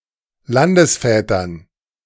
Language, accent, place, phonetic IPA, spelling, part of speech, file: German, Germany, Berlin, [ˈlandəsˌfɛːtɐn], Landesvätern, noun, De-Landesvätern.ogg
- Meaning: dative plural of Landesvater